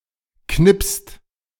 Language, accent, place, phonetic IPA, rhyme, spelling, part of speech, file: German, Germany, Berlin, [knɪpst], -ɪpst, knipst, verb, De-knipst.ogg
- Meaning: inflection of knipsen: 1. second-person singular/plural present 2. third-person singular present 3. plural imperative